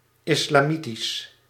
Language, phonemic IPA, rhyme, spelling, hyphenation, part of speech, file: Dutch, /ˌɪs.laːˈmi.tis/, -itis, islamitisch, is‧la‧mi‧tisch, adjective, Nl-islamitisch.ogg
- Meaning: Islamic